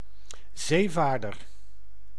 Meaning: seafarer
- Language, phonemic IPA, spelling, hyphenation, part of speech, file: Dutch, /ˈzeːˌvaːr.dər/, zeevaarder, zee‧vaar‧der, noun, Nl-zeevaarder.ogg